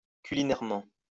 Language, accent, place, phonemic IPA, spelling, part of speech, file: French, France, Lyon, /ky.li.nɛʁ.mɑ̃/, culinairement, adverb, LL-Q150 (fra)-culinairement.wav
- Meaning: culinarily